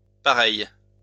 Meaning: feminine singular of pareil
- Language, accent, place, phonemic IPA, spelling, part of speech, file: French, France, Lyon, /pa.ʁɛj/, pareille, adjective, LL-Q150 (fra)-pareille.wav